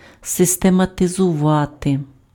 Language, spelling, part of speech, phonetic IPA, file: Ukrainian, систематизувати, verb, [sestemɐtezʊˈʋate], Uk-систематизувати.ogg
- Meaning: to systematize